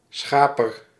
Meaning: shepherd
- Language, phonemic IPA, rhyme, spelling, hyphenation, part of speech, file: Dutch, /ˈsxaː.pər/, -aːpər, schaper, scha‧per, noun, Nl-schaper.ogg